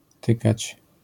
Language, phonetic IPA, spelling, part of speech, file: Polish, [ˈtɨkat͡ɕ], tykać, verb, LL-Q809 (pol)-tykać.wav